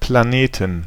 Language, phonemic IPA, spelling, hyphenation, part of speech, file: German, /plaˈneːtn/, Planeten, Pla‧ne‧ten, noun, De-Planeten.ogg
- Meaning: plural of Planet (planets)